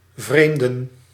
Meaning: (verb) to estrange, to alienate; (noun) plural of vreemde
- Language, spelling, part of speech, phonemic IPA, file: Dutch, vreemden, verb / noun, /ˈvreːmdə(n)/, Nl-vreemden.ogg